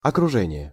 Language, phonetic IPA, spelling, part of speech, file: Russian, [ɐkrʊˈʐɛnʲɪje], окружение, noun, Ru-окружение.ogg
- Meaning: 1. entourage, environment, surroundings, milieu 2. encirclement